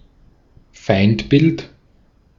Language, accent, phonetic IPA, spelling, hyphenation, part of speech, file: German, Austria, [ˈfaɪ̯ntˌbɪlt], Feindbild, Feind‧bild, noun, De-at-Feindbild.ogg
- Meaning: A prejudiced image or stereotype of a declared enemy of a group